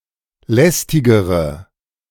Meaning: inflection of lästig: 1. strong/mixed nominative/accusative feminine singular comparative degree 2. strong nominative/accusative plural comparative degree
- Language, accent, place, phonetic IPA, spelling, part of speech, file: German, Germany, Berlin, [ˈlɛstɪɡəʁə], lästigere, adjective, De-lästigere.ogg